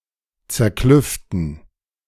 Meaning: 1. to fracture or fissure, to score 2. to make rough or rugged
- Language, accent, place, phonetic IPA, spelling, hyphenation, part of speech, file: German, Germany, Berlin, [t͡sɛɐ̯ˈklʏftn̩], zerklüften, zer‧klüf‧ten, verb, De-zerklüften.ogg